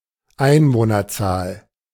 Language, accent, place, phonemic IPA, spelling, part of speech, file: German, Germany, Berlin, /ˈʔaɪ̯nvoːnɐˌtsaːl/, Einwohnerzahl, noun, De-Einwohnerzahl.ogg
- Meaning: population, number of inhabitants